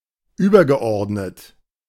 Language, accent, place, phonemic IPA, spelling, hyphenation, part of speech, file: German, Germany, Berlin, /ˈyːbɐɡəˌ.ɔʁdnət/, übergeordnet, über‧ge‧ord‧net, verb / adjective, De-übergeordnet.ogg
- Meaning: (verb) past participle of überordnen; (adjective) 1. superordinate, senior 2. superior 3. primary